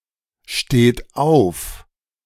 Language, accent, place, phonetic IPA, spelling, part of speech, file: German, Germany, Berlin, [ˌʃteːt ˈaʊ̯f], steht auf, verb, De-steht auf.ogg
- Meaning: inflection of aufstehen: 1. third-person singular present 2. second-person plural present 3. plural imperative